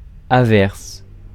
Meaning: shower, rainshower
- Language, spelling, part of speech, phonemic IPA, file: French, averse, noun, /a.vɛʁs/, Fr-averse.ogg